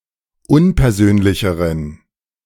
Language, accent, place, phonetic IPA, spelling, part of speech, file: German, Germany, Berlin, [ˈʊnpɛɐ̯ˌzøːnlɪçəʁən], unpersönlicheren, adjective, De-unpersönlicheren.ogg
- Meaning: inflection of unpersönlich: 1. strong genitive masculine/neuter singular comparative degree 2. weak/mixed genitive/dative all-gender singular comparative degree